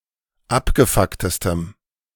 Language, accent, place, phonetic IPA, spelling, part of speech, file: German, Germany, Berlin, [ˈapɡəˌfaktəstəm], abgefucktestem, adjective, De-abgefucktestem.ogg
- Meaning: strong dative masculine/neuter singular superlative degree of abgefuckt